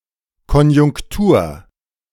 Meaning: 1. current economic situation, current trend in the business or trade cycle 2. ellipsis of Hochkonjunktur: economic boom 3. conjunction, conjuncture
- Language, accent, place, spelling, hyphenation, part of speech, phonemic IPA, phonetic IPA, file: German, Germany, Berlin, Konjunktur, Kon‧junk‧tur, noun, /kɔnjʊŋkˈtuːr/, [ˌkɔn.jʊŋ(k)ˈtu(ː)ɐ̯], De-Konjunktur.ogg